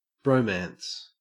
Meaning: A close but non-sexual relationship between two or more men
- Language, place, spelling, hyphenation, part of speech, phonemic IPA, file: English, Queensland, bromance, bro‧mance, noun, /ˈbɹəʉmæns/, En-au-bromance.ogg